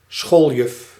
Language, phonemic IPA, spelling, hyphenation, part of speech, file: Dutch, /ˈsxoːl.jʏf/, schooljuf, school‧juf, noun, Nl-schooljuf.ogg
- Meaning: a female schoolteacher at a kindergarten or primary school